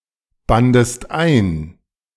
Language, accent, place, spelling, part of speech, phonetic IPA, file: German, Germany, Berlin, bandest ein, verb, [ˌbandəst ˈaɪ̯n], De-bandest ein.ogg
- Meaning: second-person singular preterite of einbinden